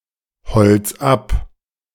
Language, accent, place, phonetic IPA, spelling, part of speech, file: German, Germany, Berlin, [ˌhɔlt͡s ˈap], holz ab, verb, De-holz ab.ogg
- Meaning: 1. singular imperative of abholzen 2. first-person singular present of abholzen